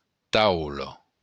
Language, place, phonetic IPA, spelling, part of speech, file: Occitan, Béarn, [ˈtawlo], taula, noun, LL-Q14185 (oci)-taula.wav
- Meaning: table